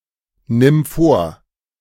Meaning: singular imperative of vornehmen
- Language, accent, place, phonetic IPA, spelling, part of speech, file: German, Germany, Berlin, [ˌnɪm ˈfoːɐ̯], nimm vor, verb, De-nimm vor.ogg